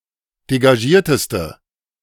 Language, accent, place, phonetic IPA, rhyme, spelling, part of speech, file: German, Germany, Berlin, [deɡaˈʒiːɐ̯təstə], -iːɐ̯təstə, degagierteste, adjective, De-degagierteste.ogg
- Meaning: inflection of degagiert: 1. strong/mixed nominative/accusative feminine singular superlative degree 2. strong nominative/accusative plural superlative degree